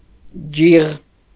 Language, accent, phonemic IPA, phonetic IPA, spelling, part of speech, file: Armenian, Eastern Armenian, /d͡ʒiʁ/, [d͡ʒiʁ], ջիղ, noun, Hy-ջիղ.ogg
- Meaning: 1. nerve 2. tendon, sinew 3. muscle 4. talent for something 5. power, might